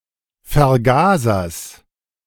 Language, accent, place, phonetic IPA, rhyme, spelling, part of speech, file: German, Germany, Berlin, [fɛɐ̯ˈɡaːzɐs], -aːzɐs, Vergasers, noun, De-Vergasers.ogg
- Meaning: genitive singular of Vergaser